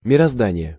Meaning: the universe, the cosmos, the world
- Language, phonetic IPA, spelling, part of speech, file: Russian, [mʲɪrɐzˈdanʲɪje], мироздание, noun, Ru-мироздание.ogg